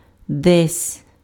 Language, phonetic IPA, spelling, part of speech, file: Ukrainian, [dɛsʲ], десь, adverb, Uk-десь.ogg
- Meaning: somewhere